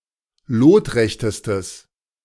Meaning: strong/mixed nominative/accusative neuter singular superlative degree of lotrecht
- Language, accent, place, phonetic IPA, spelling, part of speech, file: German, Germany, Berlin, [ˈloːtˌʁɛçtəstəs], lotrechtestes, adjective, De-lotrechtestes.ogg